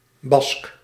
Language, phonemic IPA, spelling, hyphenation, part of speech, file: Dutch, /bɑsk/, Bask, Bask, noun, Nl-Bask.ogg
- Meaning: Basque (native or inhabitant of the Basque Country, Spain) (usually male)